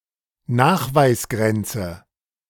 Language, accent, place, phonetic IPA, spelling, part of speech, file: German, Germany, Berlin, [ˈnaːxvaɪ̯sˌɡʁɛnt͡sə], Nachweisgrenze, noun, De-Nachweisgrenze.ogg
- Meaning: detection limit